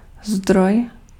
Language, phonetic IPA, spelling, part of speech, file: Czech, [ˈzdroj], zdroj, noun, Cs-zdroj.ogg
- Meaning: 1. source 2. resource 3. feed (internet)